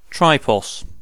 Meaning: 1. A three-legged structure; a tripod 2. Any of the final examinations for a BA honours degree 3. The list of successful candidates in such an examination
- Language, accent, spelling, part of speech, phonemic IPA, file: English, UK, tripos, noun, /ˈtɹaɪpɒs/, En-uk-tripos.ogg